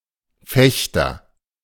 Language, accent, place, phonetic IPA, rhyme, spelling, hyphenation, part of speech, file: German, Germany, Berlin, [ˈfɛçtɐ], -ɛçtɐ, Fechter, Fech‧ter, noun, De-Fechter.ogg
- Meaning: fencer